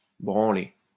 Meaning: 1. to shake 2. to do (some work) 3. to do 4. to masturbate (another person) 5. to masturbate
- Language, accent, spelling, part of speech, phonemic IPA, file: French, France, branler, verb, /bʁɑ̃.le/, LL-Q150 (fra)-branler.wav